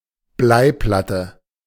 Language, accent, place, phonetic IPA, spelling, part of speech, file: German, Germany, Berlin, [ˈblaɪ̯ˌplatə], Bleiplatte, noun, De-Bleiplatte.ogg
- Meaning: lead plate